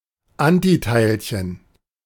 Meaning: antiparticle
- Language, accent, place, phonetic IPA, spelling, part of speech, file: German, Germany, Berlin, [ˈantiˌtaɪ̯lçən], Antiteilchen, noun, De-Antiteilchen.ogg